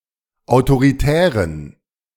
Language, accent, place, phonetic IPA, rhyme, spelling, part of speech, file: German, Germany, Berlin, [aʊ̯toʁiˈtɛːʁən], -ɛːʁən, autoritären, adjective, De-autoritären.ogg
- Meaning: inflection of autoritär: 1. strong genitive masculine/neuter singular 2. weak/mixed genitive/dative all-gender singular 3. strong/weak/mixed accusative masculine singular 4. strong dative plural